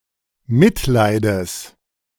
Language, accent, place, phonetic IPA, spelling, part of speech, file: German, Germany, Berlin, [ˈmɪtˌlaɪ̯dəs], Mitleides, noun, De-Mitleides.ogg
- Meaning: genitive of Mitleid